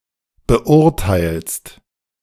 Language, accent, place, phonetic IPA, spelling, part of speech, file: German, Germany, Berlin, [bəˈʔʊʁtaɪ̯lst], beurteilst, verb, De-beurteilst.ogg
- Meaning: second-person singular present of beurteilen